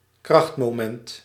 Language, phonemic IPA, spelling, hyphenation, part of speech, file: Dutch, /ˈkrɑxt.moːˌmɛnt/, krachtmoment, kracht‧mo‧ment, noun, Nl-krachtmoment.ogg
- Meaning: moment of force, moment